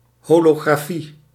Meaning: holography
- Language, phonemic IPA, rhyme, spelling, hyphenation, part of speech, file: Dutch, /ˌɦoː.loː.ɣraːˈfi/, -i, holografie, ho‧lo‧gra‧fie, noun, Nl-holografie.ogg